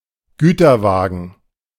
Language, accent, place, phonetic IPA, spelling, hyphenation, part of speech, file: German, Germany, Berlin, [ˈɡyːtɐˌvaːɡn̩], Güterwagen, Gü‧ter‧wa‧gen, noun, De-Güterwagen.ogg
- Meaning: boxcar (US), goods van, box van (UK)